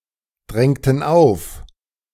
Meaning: inflection of aufdrängen: 1. first/third-person plural preterite 2. first/third-person plural subjunctive II
- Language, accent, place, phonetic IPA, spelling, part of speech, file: German, Germany, Berlin, [ˌdʁɛŋtn̩ ˈaʊ̯f], drängten auf, verb, De-drängten auf.ogg